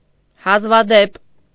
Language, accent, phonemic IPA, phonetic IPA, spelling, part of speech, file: Armenian, Eastern Armenian, /hɑzvɑˈdep/, [hɑzvɑdép], հազվադեպ, adverb / adjective, Hy-հազվադեպ.ogg
- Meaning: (adverb) seldom, rarely, infrequently; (adjective) occurring rarely, infrequent